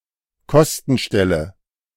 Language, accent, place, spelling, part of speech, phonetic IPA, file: German, Germany, Berlin, Kostenstelle, noun, [ˈkɔstn̩ˌʃtɛlə], De-Kostenstelle.ogg
- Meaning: cost center